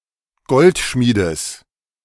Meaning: genitive singular of Goldschmied
- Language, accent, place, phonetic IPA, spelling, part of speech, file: German, Germany, Berlin, [ˈɡɔltˌʃmiːdəs], Goldschmiedes, noun, De-Goldschmiedes.ogg